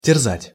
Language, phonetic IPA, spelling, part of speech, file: Russian, [tʲɪrˈzatʲ], терзать, verb, Ru-терзать.ogg
- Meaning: to torment, to rack